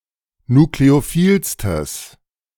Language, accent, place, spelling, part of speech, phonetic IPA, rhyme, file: German, Germany, Berlin, nukleophilstes, adjective, [nukleoˈfiːlstəs], -iːlstəs, De-nukleophilstes.ogg
- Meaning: strong/mixed nominative/accusative neuter singular superlative degree of nukleophil